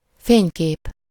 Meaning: photograph, photo, picture
- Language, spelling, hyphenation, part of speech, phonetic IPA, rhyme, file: Hungarian, fénykép, fény‧kép, noun, [ˈfeːɲkeːp], -eːp, Hu-fénykép.ogg